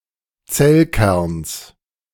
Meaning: genitive singular of Zellkern
- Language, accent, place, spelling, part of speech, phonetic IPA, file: German, Germany, Berlin, Zellkerns, noun, [ˈt͡sɛlˌkɛʁns], De-Zellkerns.ogg